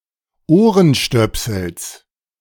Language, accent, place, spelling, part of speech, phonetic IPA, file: German, Germany, Berlin, Ohrenstöpsels, noun, [ˈoːʁənˌʃtœpsl̩s], De-Ohrenstöpsels.ogg
- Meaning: genitive singular of Ohrenstöpsel